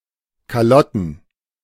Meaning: plural of Kalotte
- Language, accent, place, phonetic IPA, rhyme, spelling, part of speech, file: German, Germany, Berlin, [kaˈlɔtn̩], -ɔtn̩, Kalotten, noun, De-Kalotten.ogg